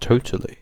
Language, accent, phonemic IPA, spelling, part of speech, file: English, UK, /ˈtəʊ.tə.li/, totally, adverb, En-uk-totally.ogg
- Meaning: 1. To the fullest extent or degree 2. Very; extremely 3. Definitely; for sure